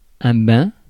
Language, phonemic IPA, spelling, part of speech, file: French, /bɛ̃/, bain, noun, Fr-bain.ogg
- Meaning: bath